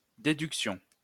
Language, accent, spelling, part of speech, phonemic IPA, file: French, France, déduction, noun, /de.dyk.sjɔ̃/, LL-Q150 (fra)-déduction.wav
- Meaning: 1. deduction 2. deduction (process of reasoning that moves from the general to the specific)